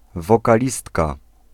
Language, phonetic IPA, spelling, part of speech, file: Polish, [ˌvɔkaˈlʲistka], wokalistka, noun, Pl-wokalistka.ogg